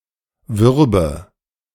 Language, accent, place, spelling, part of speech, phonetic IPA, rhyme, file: German, Germany, Berlin, würbe, verb, [ˈvʏʁbə], -ʏʁbə, De-würbe.ogg
- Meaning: first/third-person singular subjunctive II of werben